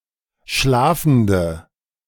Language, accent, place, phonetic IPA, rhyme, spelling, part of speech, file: German, Germany, Berlin, [ˈʃlaːfn̩də], -aːfn̩də, schlafende, adjective, De-schlafende.ogg
- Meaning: inflection of schlafend: 1. strong/mixed nominative/accusative feminine singular 2. strong nominative/accusative plural 3. weak nominative all-gender singular